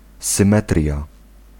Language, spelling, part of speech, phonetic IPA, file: Polish, symetria, noun, [sɨ̃ˈmɛtrʲja], Pl-symetria.ogg